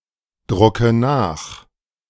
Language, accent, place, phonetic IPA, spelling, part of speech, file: German, Germany, Berlin, [ˌdʁʊkə ˈnaːx], drucke nach, verb, De-drucke nach.ogg
- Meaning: inflection of nachdrucken: 1. first-person singular present 2. first/third-person singular subjunctive I 3. singular imperative